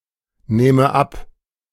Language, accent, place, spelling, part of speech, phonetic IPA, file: German, Germany, Berlin, nähme ab, verb, [ˌnɛːmə ˈap], De-nähme ab.ogg
- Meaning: first/third-person singular subjunctive II of abnehmen